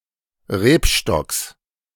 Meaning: genitive singular of Rebstock
- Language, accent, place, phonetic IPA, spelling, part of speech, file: German, Germany, Berlin, [ˈʁeːpˌʃtɔks], Rebstocks, noun, De-Rebstocks.ogg